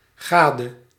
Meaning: spouse (husband or wife)
- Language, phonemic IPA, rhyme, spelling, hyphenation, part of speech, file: Dutch, /ˈɣaːdə/, -aːdə, gade, ga‧de, noun, Nl-gade.ogg